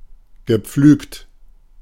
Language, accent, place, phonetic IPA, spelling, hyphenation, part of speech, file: German, Germany, Berlin, [ɡəˈp͡flyːkt], gepflügt, ge‧pflügt, verb / adjective, De-gepflügt.ogg
- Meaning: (verb) past participle of pflügen; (adjective) ploughed